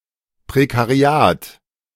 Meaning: precariat
- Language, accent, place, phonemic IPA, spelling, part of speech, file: German, Germany, Berlin, /pʁekaʁiˈaːt/, Prekariat, noun, De-Prekariat.ogg